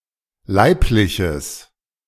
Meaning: strong/mixed nominative/accusative neuter singular of leiblich
- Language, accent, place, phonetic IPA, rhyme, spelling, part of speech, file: German, Germany, Berlin, [ˈlaɪ̯plɪçəs], -aɪ̯plɪçəs, leibliches, adjective, De-leibliches.ogg